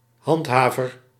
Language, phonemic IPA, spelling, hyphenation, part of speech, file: Dutch, /ˈɦɑntˌɦaː.vər/, handhaver, hand‧ha‧ver, noun, Nl-handhaver.ogg
- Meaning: 1. an enforcer, one who upholds something 2. one who maintains public order, a law enforcement official